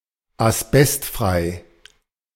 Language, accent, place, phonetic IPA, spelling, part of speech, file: German, Germany, Berlin, [asˈbɛstˌfʁaɪ̯], asbestfrei, adjective, De-asbestfrei.ogg
- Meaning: asbestos-free